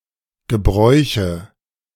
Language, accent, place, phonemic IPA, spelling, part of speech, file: German, Germany, Berlin, /ɡəˈbʁɔɪ̯çə/, Gebräuche, noun, De-Gebräuche.ogg
- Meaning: nominative/accusative/genitive plural of Gebrauch